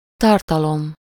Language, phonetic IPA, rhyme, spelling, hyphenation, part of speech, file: Hungarian, [ˈtɒrtɒlom], -om, tartalom, tar‧ta‧lom, noun, Hu-tartalom.ogg
- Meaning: content, contents